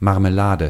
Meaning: 1. jam 2. marmalade
- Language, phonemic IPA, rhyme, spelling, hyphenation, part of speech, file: German, /ˌmarməˈlaːdə/, -aːdə, Marmelade, Mar‧me‧la‧de, noun, De-Marmelade.ogg